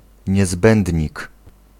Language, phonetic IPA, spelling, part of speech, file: Polish, [ɲɛˈzbɛ̃ndʲɲik], niezbędnik, noun, Pl-niezbędnik.ogg